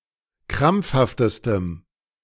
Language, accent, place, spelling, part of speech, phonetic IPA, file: German, Germany, Berlin, krampfhaftestem, adjective, [ˈkʁamp͡fhaftəstəm], De-krampfhaftestem.ogg
- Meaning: strong dative masculine/neuter singular superlative degree of krampfhaft